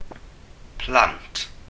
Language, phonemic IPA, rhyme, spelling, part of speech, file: Welsh, /plant/, -ant, plant, noun, Cy-plant.ogg
- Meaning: 1. children, young people 2. children (of parents), offspring (sometimes of animals), progeny, issue; descendants 3. followers, disciples, servants